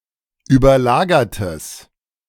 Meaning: strong/mixed nominative/accusative neuter singular of überlagert
- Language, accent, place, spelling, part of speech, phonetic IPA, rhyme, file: German, Germany, Berlin, überlagertes, adjective, [yːbɐˈlaːɡɐtəs], -aːɡɐtəs, De-überlagertes.ogg